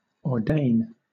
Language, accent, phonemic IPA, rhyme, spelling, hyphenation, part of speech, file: English, Southern England, /ɔːˈdeɪn/, -eɪn, ordain, or‧dain, verb, LL-Q1860 (eng)-ordain.wav
- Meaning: 1. To prearrange unalterably 2. To decree 3. To admit into the ministry, for example as a priest, bishop, minister or Buddhist monk, or to authorize as a rabbi 4. To predestine